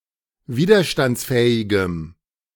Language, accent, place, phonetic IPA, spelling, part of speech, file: German, Germany, Berlin, [ˈviːdɐʃtant͡sˌfɛːɪɡəm], widerstandsfähigem, adjective, De-widerstandsfähigem.ogg
- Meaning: strong dative masculine/neuter singular of widerstandsfähig